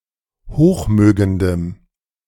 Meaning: strong dative masculine/neuter singular of hochmögend
- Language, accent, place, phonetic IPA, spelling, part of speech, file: German, Germany, Berlin, [ˈhoːxˌmøːɡəndəm], hochmögendem, adjective, De-hochmögendem.ogg